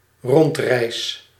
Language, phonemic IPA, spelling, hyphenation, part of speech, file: Dutch, /ˈrɔntˌrɛi̯s/, rondreis, rond‧reis, noun / verb, Nl-rondreis.ogg
- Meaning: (noun) tour (journey through a particular building, estate, country, etc.); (verb) first-person singular dependent-clause present indicative of rondreizen